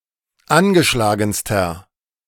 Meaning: inflection of angeschlagen: 1. strong/mixed nominative masculine singular superlative degree 2. strong genitive/dative feminine singular superlative degree 3. strong genitive plural superlative degree
- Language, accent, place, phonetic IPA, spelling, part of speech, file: German, Germany, Berlin, [ˈanɡəˌʃlaːɡn̩stɐ], angeschlagenster, adjective, De-angeschlagenster.ogg